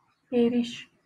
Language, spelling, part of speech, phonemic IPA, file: Northern Kurdish, êrîş, noun, /eːˈɾiːʃ/, LL-Q36368 (kur)-êrîş.wav
- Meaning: attack